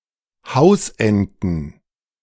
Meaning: plural of Hausente
- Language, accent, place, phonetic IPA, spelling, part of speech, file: German, Germany, Berlin, [ˈhaʊ̯sʔɛntn̩], Hausenten, noun, De-Hausenten.ogg